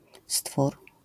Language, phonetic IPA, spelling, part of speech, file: Polish, [stfur], stwór, noun, LL-Q809 (pol)-stwór.wav